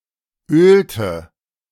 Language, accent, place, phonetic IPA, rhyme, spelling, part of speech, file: German, Germany, Berlin, [ˈøːltə], -øːltə, ölte, verb, De-ölte.ogg
- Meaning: inflection of ölen: 1. first/third-person singular preterite 2. first/third-person singular subjunctive II